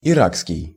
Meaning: Iraqi
- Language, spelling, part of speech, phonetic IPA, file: Russian, иракский, adjective, [ɪˈrakskʲɪj], Ru-иракский.ogg